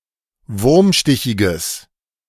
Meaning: strong/mixed nominative/accusative neuter singular of wurmstichig
- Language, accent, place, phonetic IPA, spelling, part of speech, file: German, Germany, Berlin, [ˈvʊʁmˌʃtɪçɪɡəs], wurmstichiges, adjective, De-wurmstichiges.ogg